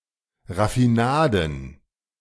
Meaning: plural of Raffinade
- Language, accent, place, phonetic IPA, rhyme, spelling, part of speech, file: German, Germany, Berlin, [ʁafiˈnaːdn̩], -aːdn̩, Raffinaden, noun, De-Raffinaden.ogg